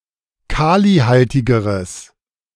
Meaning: strong/mixed nominative/accusative neuter singular comparative degree of kalihaltig
- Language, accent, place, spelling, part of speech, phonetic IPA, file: German, Germany, Berlin, kalihaltigeres, adjective, [ˈkaːliˌhaltɪɡəʁəs], De-kalihaltigeres.ogg